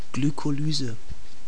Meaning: glycolysis
- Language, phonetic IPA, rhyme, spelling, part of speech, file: German, [ɡlykoˈlyːzə], -yːzə, Glykolyse, noun, De-Glykolyse.ogg